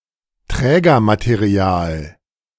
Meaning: substrate, base (support material)
- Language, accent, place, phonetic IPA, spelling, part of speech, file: German, Germany, Berlin, [ˈtʁɛːɡɐmateˌʁi̯aːl], Trägermaterial, noun, De-Trägermaterial.ogg